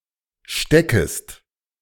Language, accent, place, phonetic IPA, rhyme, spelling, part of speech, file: German, Germany, Berlin, [ˈʃtɛkəst], -ɛkəst, steckest, verb, De-steckest.ogg
- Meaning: second-person singular subjunctive I of stecken